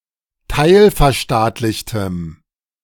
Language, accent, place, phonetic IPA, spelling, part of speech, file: German, Germany, Berlin, [ˈtaɪ̯lfɛɐ̯ˌʃtaːtlɪçtəm], teilverstaatlichtem, adjective, De-teilverstaatlichtem.ogg
- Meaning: strong dative masculine/neuter singular of teilverstaatlicht